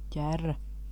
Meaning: 1. wheelbarrow (small, one-wheeled cart with handles) 2. greater scaup (diving duck, especially Aythya marila)
- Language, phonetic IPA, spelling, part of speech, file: Latvian, [cærːa], ķerra, noun, Lv-ķerra.ogg